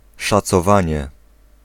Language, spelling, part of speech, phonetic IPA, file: Polish, szacowanie, noun, [ˌʃat͡sɔˈvãɲɛ], Pl-szacowanie.ogg